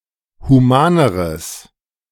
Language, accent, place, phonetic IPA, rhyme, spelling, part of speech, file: German, Germany, Berlin, [huˈmaːnəʁəs], -aːnəʁəs, humaneres, adjective, De-humaneres.ogg
- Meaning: strong/mixed nominative/accusative neuter singular comparative degree of human